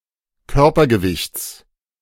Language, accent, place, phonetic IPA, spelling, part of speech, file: German, Germany, Berlin, [ˈkœʁpɐɡəˌvɪçt͡s], Körpergewichts, noun, De-Körpergewichts.ogg
- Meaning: genitive singular of Körpergewicht